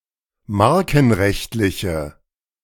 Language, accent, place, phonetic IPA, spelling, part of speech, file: German, Germany, Berlin, [ˈmaʁkn̩ˌʁɛçtlɪçə], markenrechtliche, adjective, De-markenrechtliche.ogg
- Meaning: inflection of markenrechtlich: 1. strong/mixed nominative/accusative feminine singular 2. strong nominative/accusative plural 3. weak nominative all-gender singular